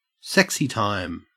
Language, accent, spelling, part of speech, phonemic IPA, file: English, Australia, sexy time, noun, /ˈsɛksi ˌtaɪm/, En-au-sexy time.ogg
- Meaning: Time dedicated to sexual activity; by extension, sexual intercourse